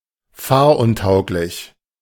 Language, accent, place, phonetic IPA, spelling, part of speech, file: German, Germany, Berlin, [ˈfaːɐ̯ʔʊnˌtaʊ̯klɪç], fahruntauglich, adjective, De-fahruntauglich.ogg
- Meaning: unable or unfit to drive